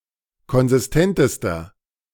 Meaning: inflection of konsistent: 1. strong/mixed nominative masculine singular superlative degree 2. strong genitive/dative feminine singular superlative degree 3. strong genitive plural superlative degree
- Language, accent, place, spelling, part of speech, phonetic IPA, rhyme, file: German, Germany, Berlin, konsistentester, adjective, [kɔnzɪsˈtɛntəstɐ], -ɛntəstɐ, De-konsistentester.ogg